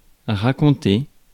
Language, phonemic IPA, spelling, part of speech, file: French, /ʁa.kɔ̃.te/, raconter, verb, Fr-raconter.ogg
- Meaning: to recount; to tell; to narrate